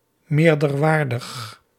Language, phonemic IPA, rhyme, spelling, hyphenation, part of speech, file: Dutch, /ˌmeːr.dərˈʋaːr.dəx/, -aːrdəx, meerderwaardig, meer‧der‧waar‧dig, adjective, Nl-meerderwaardig.ogg
- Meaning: superior